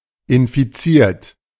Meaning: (verb) past participle of infizieren; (adjective) infected; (verb) inflection of infizieren: 1. third-person singular present 2. second-person plural present 3. plural imperative
- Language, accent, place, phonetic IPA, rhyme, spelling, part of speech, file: German, Germany, Berlin, [ɪnfiˈt͡siːɐ̯t], -iːɐ̯t, infiziert, adjective / verb, De-infiziert.ogg